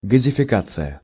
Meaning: gasification
- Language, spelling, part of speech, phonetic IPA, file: Russian, газификация, noun, [ɡəzʲɪfʲɪˈkat͡sɨjə], Ru-газификация.ogg